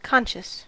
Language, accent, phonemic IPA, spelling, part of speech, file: English, US, /ˈkɑn.ʃəs/, conscious, adjective / noun, En-us-conscious.ogg
- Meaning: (adjective) 1. Alert, awake; with one's mental faculties active 2. Aware of one's own existence; aware of one's own awareness